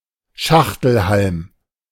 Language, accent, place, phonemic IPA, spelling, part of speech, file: German, Germany, Berlin, /ˈʃaxtl̩ˌhalm/, Schachtelhalm, noun, De-Schachtelhalm.ogg
- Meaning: horsetail (plant)